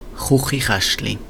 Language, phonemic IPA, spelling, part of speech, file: Swiss German, /ˈxʊxːiˌxæʃtli/, Chuchichäschtli, noun, Chuchichaeschtli.ogg
- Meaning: kitchen cupboard